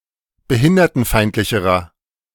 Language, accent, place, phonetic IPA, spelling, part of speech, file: German, Germany, Berlin, [bəˈhɪndɐtn̩ˌfaɪ̯ntlɪçəʁɐ], behindertenfeindlicherer, adjective, De-behindertenfeindlicherer.ogg
- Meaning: inflection of behindertenfeindlich: 1. strong/mixed nominative masculine singular comparative degree 2. strong genitive/dative feminine singular comparative degree